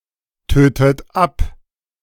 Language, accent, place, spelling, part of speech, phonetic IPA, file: German, Germany, Berlin, tötet ab, verb, [ˌtøːtət ˈap], De-tötet ab.ogg
- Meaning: inflection of abtöten: 1. third-person singular present 2. second-person plural present 3. second-person plural subjunctive I 4. plural imperative